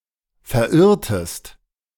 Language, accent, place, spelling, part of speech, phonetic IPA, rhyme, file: German, Germany, Berlin, verirrtest, verb, [fɛɐ̯ˈʔɪʁtəst], -ɪʁtəst, De-verirrtest.ogg
- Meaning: inflection of verirren: 1. second-person singular preterite 2. second-person singular subjunctive II